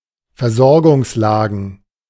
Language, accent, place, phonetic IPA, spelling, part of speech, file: German, Germany, Berlin, [fɛɐ̯ˈzɔʁɡʊŋsˌlaːɡn̩], Versorgungslagen, noun, De-Versorgungslagen.ogg
- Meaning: plural of Versorgungslage